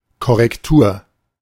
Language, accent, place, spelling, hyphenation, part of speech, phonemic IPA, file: German, Germany, Berlin, Korrektur, Kor‧rek‧tur, noun, /kɔrɛkˈtuːr/, De-Korrektur.ogg
- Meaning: correction